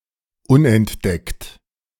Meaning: 1. undiscovered 2. undetected
- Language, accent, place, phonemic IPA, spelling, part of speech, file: German, Germany, Berlin, /ˈʊnɛnˌdɛkt/, unentdeckt, adjective, De-unentdeckt.ogg